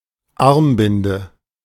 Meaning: armband (ribbon worn around the arm, e.g. by protestors or the captain of a football team)
- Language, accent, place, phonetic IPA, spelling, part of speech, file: German, Germany, Berlin, [ˈaʁmˌbɪndə], Armbinde, noun, De-Armbinde.ogg